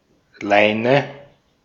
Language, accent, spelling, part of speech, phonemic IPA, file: German, Austria, Leine, noun / proper noun, /ˈlaɪ̯nə/, De-at-Leine.ogg
- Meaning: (noun) line, cord (a rope, usually relatively thin), especially: 1. washing line 2. leash (strap or cord with which to restrain an animal) 3. a rope of lesser thickness